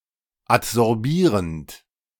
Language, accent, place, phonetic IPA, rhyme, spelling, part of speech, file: German, Germany, Berlin, [atzɔʁˈbiːʁənt], -iːʁənt, adsorbierend, verb, De-adsorbierend.ogg
- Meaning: present participle of adsorbieren